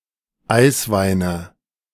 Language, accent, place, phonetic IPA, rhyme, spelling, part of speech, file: German, Germany, Berlin, [ˈaɪ̯sˌvaɪ̯nə], -aɪ̯svaɪ̯nə, Eisweine, noun, De-Eisweine.ogg
- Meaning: nominative/accusative/genitive plural of Eiswein